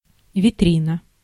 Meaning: 1. shop window 2. showcase, vitrine
- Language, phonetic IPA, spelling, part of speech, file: Russian, [vʲɪˈtrʲinə], витрина, noun, Ru-витрина.ogg